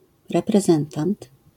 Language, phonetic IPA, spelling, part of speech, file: Polish, [ˌrɛprɛˈzɛ̃ntãnt], reprezentant, noun, LL-Q809 (pol)-reprezentant.wav